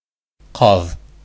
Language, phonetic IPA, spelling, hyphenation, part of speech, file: Bashkir, [qɑ̝ð], ҡаҙ, ҡаҙ, noun, Ba-ҡаҙ.ogg
- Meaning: goose